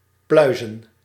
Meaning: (verb) to remove flowering side branches (from the main stem) from; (noun) plural of pluis
- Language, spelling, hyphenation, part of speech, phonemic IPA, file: Dutch, pluizen, plui‧zen, verb / noun, /ˈplœy̯.zə(n)/, Nl-pluizen.ogg